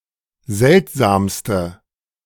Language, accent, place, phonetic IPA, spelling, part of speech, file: German, Germany, Berlin, [ˈzɛltzaːmstə], seltsamste, adjective, De-seltsamste.ogg
- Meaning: inflection of seltsam: 1. strong/mixed nominative/accusative feminine singular superlative degree 2. strong nominative/accusative plural superlative degree